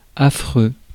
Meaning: 1. frightful, causing fear 2. terrible, rubbish, awful 3. repulsive
- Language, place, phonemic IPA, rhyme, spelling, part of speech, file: French, Paris, /a.fʁø/, -ø, affreux, adjective, Fr-affreux.ogg